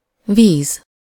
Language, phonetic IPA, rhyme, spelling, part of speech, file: Hungarian, [ˈviːz], -iːz, víz, noun, Hu-víz.ogg
- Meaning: 1. water (liquid H₂O) 2. water (chemical having the formula H₂O) 3. water (any body of water, or a specific part of it) 4. flood 5. drinking water, mineral water 6. bathwater 7. sweat